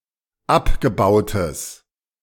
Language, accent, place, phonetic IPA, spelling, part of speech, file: German, Germany, Berlin, [ˈapɡəˌbaʊ̯təs], abgebautes, adjective, De-abgebautes.ogg
- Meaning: strong/mixed nominative/accusative neuter singular of abgebaut